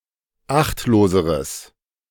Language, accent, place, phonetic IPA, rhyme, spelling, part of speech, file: German, Germany, Berlin, [ˈaxtloːzəʁəs], -axtloːzəʁəs, achtloseres, adjective, De-achtloseres.ogg
- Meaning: strong/mixed nominative/accusative neuter singular comparative degree of achtlos